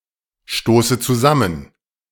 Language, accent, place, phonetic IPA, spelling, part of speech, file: German, Germany, Berlin, [ˌʃtoːsə t͡suˈzamən], stoße zusammen, verb, De-stoße zusammen.ogg
- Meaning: inflection of zusammenstoßen: 1. first-person singular present 2. first/third-person singular subjunctive I 3. singular imperative